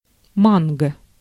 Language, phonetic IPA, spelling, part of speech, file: Russian, [ˈmanɡə], манго, noun, Ru-манго.ogg
- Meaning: mango